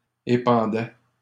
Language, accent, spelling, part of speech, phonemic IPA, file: French, Canada, épandait, verb, /e.pɑ̃.dɛ/, LL-Q150 (fra)-épandait.wav
- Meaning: third-person singular imperfect indicative of épandre